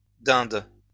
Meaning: plural of dinde
- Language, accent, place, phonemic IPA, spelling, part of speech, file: French, France, Lyon, /dɛ̃d/, dindes, noun, LL-Q150 (fra)-dindes.wav